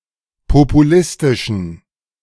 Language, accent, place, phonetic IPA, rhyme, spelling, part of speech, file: German, Germany, Berlin, [popuˈlɪstɪʃn̩], -ɪstɪʃn̩, populistischen, adjective, De-populistischen.ogg
- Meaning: inflection of populistisch: 1. strong genitive masculine/neuter singular 2. weak/mixed genitive/dative all-gender singular 3. strong/weak/mixed accusative masculine singular 4. strong dative plural